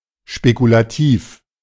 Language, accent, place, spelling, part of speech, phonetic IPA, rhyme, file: German, Germany, Berlin, spekulativ, adjective, [ʃpekulaˈtiːf], -iːf, De-spekulativ.ogg
- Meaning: speculative